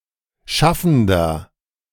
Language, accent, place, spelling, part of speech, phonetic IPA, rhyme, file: German, Germany, Berlin, schaffender, adjective, [ˈʃafn̩dɐ], -afn̩dɐ, De-schaffender.ogg
- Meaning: inflection of schaffend: 1. strong/mixed nominative masculine singular 2. strong genitive/dative feminine singular 3. strong genitive plural